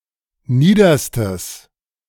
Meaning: strong/mixed nominative/accusative neuter singular superlative degree of nieder
- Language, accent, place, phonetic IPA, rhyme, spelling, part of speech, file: German, Germany, Berlin, [ˈniːdɐstəs], -iːdɐstəs, niederstes, adjective, De-niederstes.ogg